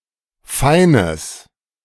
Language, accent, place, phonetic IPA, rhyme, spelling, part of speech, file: German, Germany, Berlin, [ˈfaɪ̯nəs], -aɪ̯nəs, feines, adjective, De-feines.ogg
- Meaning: strong/mixed nominative/accusative neuter singular of fein